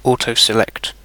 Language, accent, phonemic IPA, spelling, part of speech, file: English, UK, /ˈɔːtəʊˌsɪˈlɛkt/, autoselect, verb, En-uk-autoselect.ogg
- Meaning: To select automatically